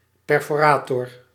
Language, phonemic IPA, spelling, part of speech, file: Dutch, /ˌpɛr.foːˈraː.tɔr/, perforator, noun, Nl-perforator.ogg
- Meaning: perforator